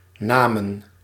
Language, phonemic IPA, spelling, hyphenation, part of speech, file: Dutch, /ˈnaː.mə(n)/, namen, na‧men, verb / noun, Nl-namen.ogg
- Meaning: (verb) inflection of nemen: 1. plural past indicative 2. plural past subjunctive; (noun) plural of naam